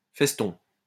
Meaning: festoon
- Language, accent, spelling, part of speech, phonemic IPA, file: French, France, feston, noun, /fɛs.tɔ̃/, LL-Q150 (fra)-feston.wav